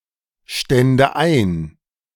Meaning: first/third-person singular subjunctive II of einstehen
- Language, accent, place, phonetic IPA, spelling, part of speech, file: German, Germany, Berlin, [ˌʃtɛndə ˈaɪ̯n], stände ein, verb, De-stände ein.ogg